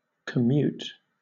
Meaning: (verb) To exchange substantially; to abate but not abolish completely, a penalty, obligation, or payment in return for a great, single thing or an aggregate; to cash in; to lessen
- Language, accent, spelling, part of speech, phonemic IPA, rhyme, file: English, Southern England, commute, verb / noun, /kəˈmjuːt/, -uːt, LL-Q1860 (eng)-commute.wav